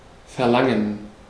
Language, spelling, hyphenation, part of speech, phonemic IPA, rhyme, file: German, verlangen, ver‧lan‧gen, verb, /fɛʁˈlaŋən/, -aŋən, De-verlangen.ogg
- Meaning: to ask for, demand